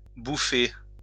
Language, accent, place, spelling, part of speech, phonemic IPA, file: French, France, Lyon, bouffer, verb, /bu.fe/, LL-Q150 (fra)-bouffer.wav
- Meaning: 1. to eat 2. to eat, to worry 3. to consume in excess 4. to bash (criticise harshly)